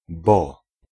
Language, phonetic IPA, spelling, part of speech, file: Polish, [bɔ], bo, conjunction / particle, Pl-bo.ogg